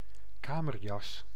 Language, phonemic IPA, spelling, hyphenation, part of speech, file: Dutch, /ˈkaː.mərˌjɑs/, kamerjas, ka‧mer‧jas, noun, Nl-kamerjas.ogg
- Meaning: dressing gown, bathrobe